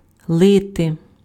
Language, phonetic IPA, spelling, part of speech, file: Ukrainian, [ˈɫɪte], лити, verb, Uk-лити.ogg
- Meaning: to pour